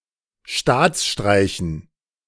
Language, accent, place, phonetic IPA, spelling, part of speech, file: German, Germany, Berlin, [ˈʃtaːt͡sˌʃtʁaɪ̯çn̩], Staatsstreichen, noun, De-Staatsstreichen.ogg
- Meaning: dative plural of Staatsstreich